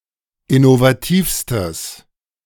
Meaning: strong/mixed nominative/accusative neuter singular superlative degree of innovativ
- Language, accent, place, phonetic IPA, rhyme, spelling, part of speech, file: German, Germany, Berlin, [ɪnovaˈtiːfstəs], -iːfstəs, innovativstes, adjective, De-innovativstes.ogg